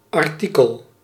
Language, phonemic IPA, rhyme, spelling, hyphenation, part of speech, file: Dutch, /ɑrˈtikəl/, -ikəl, artikel, ar‧ti‧kel, noun, Nl-artikel.ogg
- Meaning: 1. article (report) 2. article (item, wares) 3. article (section of a legal document) 4. article